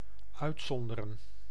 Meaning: to exclude, to except
- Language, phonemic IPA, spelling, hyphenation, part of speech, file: Dutch, /ˈœy̯tˌsɔn.də.rə(n)/, uitzonderen, uit‧zon‧de‧ren, verb, Nl-uitzonderen.ogg